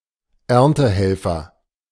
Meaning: harvest hand, harvester, someone who helps to bring in the harvest
- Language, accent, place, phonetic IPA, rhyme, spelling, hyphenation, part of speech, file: German, Germany, Berlin, [ˈɛʁntəˌhɛlfɐ], -ɛlfɐ, Erntehelfer, Ern‧te‧hel‧fer, noun, De-Erntehelfer.ogg